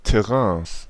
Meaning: 1. genitive singular of Terrain 2. plural of Terrain
- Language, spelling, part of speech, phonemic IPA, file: German, Terrains, noun, /tɛˈʁɛ̃ːs/, De-Terrains.ogg